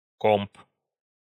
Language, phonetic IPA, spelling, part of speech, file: Russian, [komp], комп, noun, Ru-комп.ogg
- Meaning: computer, box